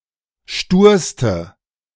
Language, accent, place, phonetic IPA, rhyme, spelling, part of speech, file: German, Germany, Berlin, [ˈʃtuːɐ̯stə], -uːɐ̯stə, sturste, adjective, De-sturste.ogg
- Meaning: inflection of stur: 1. strong/mixed nominative/accusative feminine singular superlative degree 2. strong nominative/accusative plural superlative degree